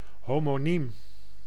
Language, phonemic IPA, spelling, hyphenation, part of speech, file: Dutch, /homoˈnim/, homoniem, ho‧mo‧niem, noun / adjective, Nl-homoniem.ogg
- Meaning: homonym